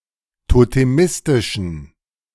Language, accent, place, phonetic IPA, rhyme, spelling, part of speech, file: German, Germany, Berlin, [toteˈmɪstɪʃn̩], -ɪstɪʃn̩, totemistischen, adjective, De-totemistischen.ogg
- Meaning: inflection of totemistisch: 1. strong genitive masculine/neuter singular 2. weak/mixed genitive/dative all-gender singular 3. strong/weak/mixed accusative masculine singular 4. strong dative plural